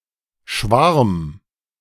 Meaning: 1. swarm of insects; flock of birds; school of fish 2. crush; beloved; object of one’s (unfulfilled) love
- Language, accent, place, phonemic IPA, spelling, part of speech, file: German, Germany, Berlin, /ʃvaʁm/, Schwarm, noun, De-Schwarm.ogg